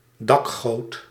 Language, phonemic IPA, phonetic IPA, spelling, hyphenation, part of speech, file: Dutch, /ˈdɑk.ɣoːt/, [ˈdɑk.xoːt], dakgoot, dak‧goot, noun, Nl-dakgoot.ogg
- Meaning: a rain gutter (under the eaves of a roof), an eavestrough